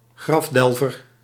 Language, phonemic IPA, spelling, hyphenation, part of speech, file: Dutch, /ˈɣrɑfˌdɛl.vər/, grafdelver, graf‧del‧ver, noun, Nl-grafdelver.ogg
- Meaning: gravedigger